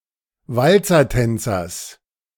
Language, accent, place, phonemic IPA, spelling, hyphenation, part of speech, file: German, Germany, Berlin, /ˈvalt͡sɐˌtɛnt͡sɐs/, Walzertänzers, Wal‧zer‧tän‧zers, noun, De-Walzertänzers.ogg
- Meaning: genitive singular of Walzertänzer